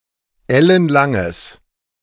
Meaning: strong/mixed nominative/accusative neuter singular of ellenlang
- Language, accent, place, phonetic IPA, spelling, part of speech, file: German, Germany, Berlin, [ˈɛlənˌlaŋəs], ellenlanges, adjective, De-ellenlanges.ogg